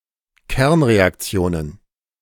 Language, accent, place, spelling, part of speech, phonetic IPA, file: German, Germany, Berlin, Kernreaktionen, noun, [ˈkɛʁnʁeakˌt͡si̯oːnən], De-Kernreaktionen.ogg
- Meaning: plural of Kernreaktion